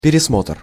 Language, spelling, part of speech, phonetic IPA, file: Russian, пересмотр, noun, [pʲɪrʲɪsˈmotr], Ru-пересмотр.ogg
- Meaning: 1. reconsideration, revision 2. review, retrial